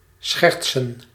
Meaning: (verb) to joke, to jest; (noun) plural of scherts
- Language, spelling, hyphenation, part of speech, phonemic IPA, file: Dutch, schertsen, schert‧sen, verb / noun, /ˈsxɛrt.sə(n)/, Nl-schertsen.ogg